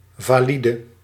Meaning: 1. valid 2. healthy, strong, not handicapped
- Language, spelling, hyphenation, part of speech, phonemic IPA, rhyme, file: Dutch, valide, va‧li‧de, adjective, /vaːˈli.də/, -idə, Nl-valide.ogg